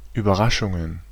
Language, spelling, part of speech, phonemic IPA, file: German, Überraschungen, noun, /yːbɐˈʁaʃʊŋən/, De-Überraschungen.ogg
- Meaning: plural of Überraschung